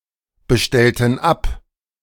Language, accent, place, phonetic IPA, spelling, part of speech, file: German, Germany, Berlin, [bəˌʃtɛltn̩ ˈap], bestellten ab, verb, De-bestellten ab.ogg
- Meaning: inflection of abbestellen: 1. first/third-person plural preterite 2. first/third-person plural subjunctive II